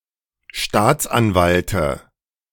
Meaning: dative of Staatsanwalt
- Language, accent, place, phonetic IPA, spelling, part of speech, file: German, Germany, Berlin, [ˈʃtaːt͡sʔanˌvaltə], Staatsanwalte, noun, De-Staatsanwalte.ogg